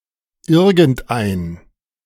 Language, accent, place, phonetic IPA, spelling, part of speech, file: German, Germany, Berlin, [ˈɪɐ̯.(ɡ)ŋ̍tˌ(ʔ)ae̯n], irgendein, determiner, De-irgendein.ogg
- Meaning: some; any